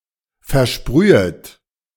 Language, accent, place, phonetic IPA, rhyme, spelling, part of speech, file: German, Germany, Berlin, [fɛɐ̯ˈʃpʁyːət], -yːət, versprühet, verb, De-versprühet.ogg
- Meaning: second-person plural subjunctive I of versprühen